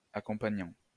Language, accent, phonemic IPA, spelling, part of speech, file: French, France, /a.kɔ̃.pa.ɲɑ̃/, accompagnant, verb, LL-Q150 (fra)-accompagnant.wav
- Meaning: present participle of accompagner